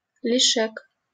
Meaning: excess, surplus
- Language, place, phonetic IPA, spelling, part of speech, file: Russian, Saint Petersburg, [ˈlʲiʂɨk], лишек, noun, LL-Q7737 (rus)-лишек.wav